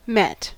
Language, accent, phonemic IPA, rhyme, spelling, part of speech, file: English, US, /mɛt/, -ɛt, met, verb, En-us-met.ogg
- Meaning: 1. simple past and past participle of meet 2. simple past and past participle of mete (to measure) 3. To dream; to occur (to one) in a dream